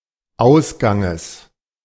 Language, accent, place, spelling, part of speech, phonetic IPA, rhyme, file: German, Germany, Berlin, Ausganges, noun, [ˈaʊ̯sɡaŋəs], -aʊ̯sɡaŋəs, De-Ausganges.ogg
- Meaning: genitive singular of Ausgang